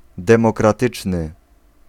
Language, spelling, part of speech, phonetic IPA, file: Polish, demokratyczny, adjective, [ˌdɛ̃mɔkraˈtɨt͡ʃnɨ], Pl-demokratyczny.ogg